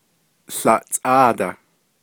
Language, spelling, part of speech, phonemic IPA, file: Navajo, łaʼtsʼáadah, numeral, /ɬɑ̀ʔt͡sʼɑ̂ːtɑ̀h/, Nv-łaʼtsʼáadah.ogg
- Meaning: eleven